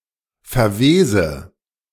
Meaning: inflection of verwesen: 1. first-person singular present 2. first/third-person singular subjunctive I 3. singular imperative
- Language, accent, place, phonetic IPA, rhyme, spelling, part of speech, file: German, Germany, Berlin, [fɛɐ̯ˈveːzə], -eːzə, verwese, verb, De-verwese.ogg